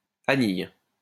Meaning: 1. tendril 2. crutch
- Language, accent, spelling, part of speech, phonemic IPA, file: French, France, anille, noun, /a.nij/, LL-Q150 (fra)-anille.wav